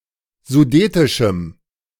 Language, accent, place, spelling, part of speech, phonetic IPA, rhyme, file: German, Germany, Berlin, sudetischem, adjective, [zuˈdeːtɪʃm̩], -eːtɪʃm̩, De-sudetischem.ogg
- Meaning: strong dative masculine/neuter singular of sudetisch